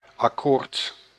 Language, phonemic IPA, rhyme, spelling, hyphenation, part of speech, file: Dutch, /ɑˈkoːrt/, -oːrt, akkoord, ak‧koord, noun / interjection, Nl-akkoord.ogg
- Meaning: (noun) 1. chord 2. agreement, accord; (interjection) agreed, okay